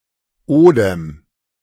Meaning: spirit, breath, life (in the sense of Biblical Hebrew רוֹחַ (rûaḥ))
- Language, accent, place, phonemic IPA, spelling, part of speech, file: German, Germany, Berlin, /ˈoːdəm/, Odem, noun, De-Odem.ogg